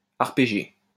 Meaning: to play an arpeggio, to arpeggiate
- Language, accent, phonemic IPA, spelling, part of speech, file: French, France, /aʁ.pe.ʒe/, arpéger, verb, LL-Q150 (fra)-arpéger.wav